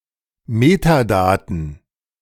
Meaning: metadata
- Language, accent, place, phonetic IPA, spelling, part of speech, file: German, Germany, Berlin, [ˈmeːtaˌdaːtn̩], Metadaten, noun, De-Metadaten.ogg